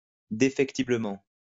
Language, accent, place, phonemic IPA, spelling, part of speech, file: French, France, Lyon, /de.fɛk.ti.blə.mɑ̃/, défectiblement, adverb, LL-Q150 (fra)-défectiblement.wav
- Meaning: imperfectly, incompletely